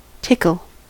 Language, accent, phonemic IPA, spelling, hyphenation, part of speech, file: English, US, /ˈtɪkl̩/, tickle, tick‧le, noun / verb / adjective / adverb, En-us-tickle.ogg
- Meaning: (noun) 1. The act of tickling 2. An itchy feeling resembling the result of tickling 3. A light tap of the ball 4. A narrow strait, such as between an island and the shore